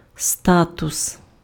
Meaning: status
- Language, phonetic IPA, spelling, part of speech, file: Ukrainian, [ˈstatʊs], статус, noun, Uk-статус.ogg